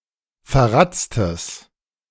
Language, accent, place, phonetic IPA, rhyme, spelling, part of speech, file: German, Germany, Berlin, [fɛɐ̯ˈʁat͡stəs], -at͡stəs, verratztes, adjective, De-verratztes.ogg
- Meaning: strong/mixed nominative/accusative neuter singular of verratzt